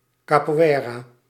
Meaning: capoeira
- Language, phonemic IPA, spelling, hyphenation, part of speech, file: Dutch, /kaːpuˈeːraː/, capoeira, ca‧po‧ei‧ra, noun, Nl-capoeira.ogg